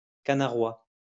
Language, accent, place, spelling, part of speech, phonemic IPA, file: French, France, Lyon, canaroie, noun, /ka.na.ʁwa/, LL-Q150 (fra)-canaroie.wav
- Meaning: magpie goose